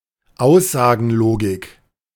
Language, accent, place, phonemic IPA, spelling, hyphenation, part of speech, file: German, Germany, Berlin, /ˈaʊ̯szaːɡn̩ˌloːɡɪk/, Aussagenlogik, Aus‧sa‧gen‧lo‧gik, noun, De-Aussagenlogik.ogg
- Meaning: propositional logic